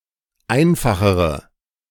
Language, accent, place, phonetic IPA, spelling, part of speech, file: German, Germany, Berlin, [ˈaɪ̯nfaxəʁə], einfachere, adjective, De-einfachere.ogg
- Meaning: inflection of einfach: 1. strong/mixed nominative/accusative feminine singular comparative degree 2. strong nominative/accusative plural comparative degree